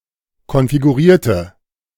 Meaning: inflection of konfigurieren: 1. first/third-person singular preterite 2. first/third-person singular subjunctive II
- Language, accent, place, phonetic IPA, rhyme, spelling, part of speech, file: German, Germany, Berlin, [kɔnfiɡuˈʁiːɐ̯tə], -iːɐ̯tə, konfigurierte, adjective / verb, De-konfigurierte.ogg